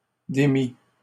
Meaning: 1. first/second-person singular past historic of démettre 2. past participle of démettre 3. masculine plural of démi
- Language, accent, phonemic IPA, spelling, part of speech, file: French, Canada, /de.mi/, démis, verb, LL-Q150 (fra)-démis.wav